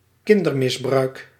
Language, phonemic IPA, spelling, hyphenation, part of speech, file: Dutch, /ˈkɪn.dərˌmɪs.brœy̯k/, kindermisbruik, kin‧der‧mis‧bruik, noun, Nl-kindermisbruik.ogg
- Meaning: child abuse